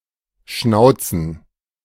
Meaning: plural of Schnauze
- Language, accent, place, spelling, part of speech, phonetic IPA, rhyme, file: German, Germany, Berlin, Schnauzen, noun, [ˈʃnaʊ̯t͡sn̩], -aʊ̯t͡sn̩, De-Schnauzen.ogg